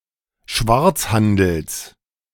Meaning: genitive singular of Schwarzhandel
- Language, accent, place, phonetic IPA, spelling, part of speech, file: German, Germany, Berlin, [ˈʃvaʁt͡sˌhandl̩s], Schwarzhandels, noun, De-Schwarzhandels.ogg